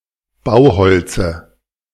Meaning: dative singular of Bauholz
- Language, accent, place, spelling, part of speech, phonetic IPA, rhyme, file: German, Germany, Berlin, Bauholze, noun, [ˈbaʊ̯ˌhɔlt͡sə], -aʊ̯hɔlt͡sə, De-Bauholze.ogg